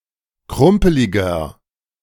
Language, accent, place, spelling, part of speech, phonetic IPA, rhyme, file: German, Germany, Berlin, krumpeliger, adjective, [ˈkʁʊmpəlɪɡɐ], -ʊmpəlɪɡɐ, De-krumpeliger.ogg
- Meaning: 1. comparative degree of krumpelig 2. inflection of krumpelig: strong/mixed nominative masculine singular 3. inflection of krumpelig: strong genitive/dative feminine singular